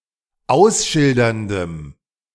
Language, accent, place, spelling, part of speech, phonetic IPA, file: German, Germany, Berlin, ausschilderndem, adjective, [ˈaʊ̯sˌʃɪldɐndəm], De-ausschilderndem.ogg
- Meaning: strong dative masculine/neuter singular of ausschildernd